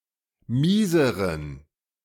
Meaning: inflection of mies: 1. strong genitive masculine/neuter singular comparative degree 2. weak/mixed genitive/dative all-gender singular comparative degree
- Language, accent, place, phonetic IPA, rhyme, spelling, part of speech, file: German, Germany, Berlin, [ˈmiːzəʁən], -iːzəʁən, mieseren, adjective, De-mieseren.ogg